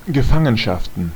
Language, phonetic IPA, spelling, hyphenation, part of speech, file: German, [ɡəˈfaŋənʃaftn̩], Gefangenschaften, Ge‧fan‧gen‧schaf‧ten, noun, De-Gefangenschaften.ogg
- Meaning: plural of Gefangenschaft